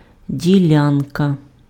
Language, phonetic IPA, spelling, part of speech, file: Ukrainian, [dʲiˈlʲankɐ], ділянка, noun, Uk-ділянка.ogg
- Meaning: 1. plot, parcel (of land) 2. area, region, piece (part of a surface) 3. division, piece 4. field, domain, sphere